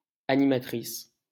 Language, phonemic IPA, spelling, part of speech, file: French, /a.ni.ma.tʁis/, animatrice, noun, LL-Q150 (fra)-animatrice.wav
- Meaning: female equivalent of animateur